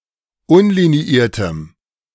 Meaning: strong dative masculine/neuter singular of unliniiert
- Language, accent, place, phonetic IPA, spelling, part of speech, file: German, Germany, Berlin, [ˈʊnliniˌiːɐ̯təm], unliniiertem, adjective, De-unliniiertem.ogg